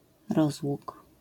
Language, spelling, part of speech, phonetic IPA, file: Polish, rozłóg, noun, [ˈrɔzwuk], LL-Q809 (pol)-rozłóg.wav